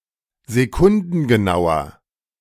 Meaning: inflection of sekundengenau: 1. strong/mixed nominative masculine singular 2. strong genitive/dative feminine singular 3. strong genitive plural
- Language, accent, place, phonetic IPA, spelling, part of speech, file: German, Germany, Berlin, [zeˈkʊndn̩ɡəˌnaʊ̯ɐ], sekundengenauer, adjective, De-sekundengenauer.ogg